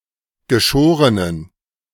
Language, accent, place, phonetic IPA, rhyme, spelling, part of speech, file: German, Germany, Berlin, [ɡəˈʃoːʁənən], -oːʁənən, geschorenen, adjective, De-geschorenen.ogg
- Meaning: inflection of geschoren: 1. strong genitive masculine/neuter singular 2. weak/mixed genitive/dative all-gender singular 3. strong/weak/mixed accusative masculine singular 4. strong dative plural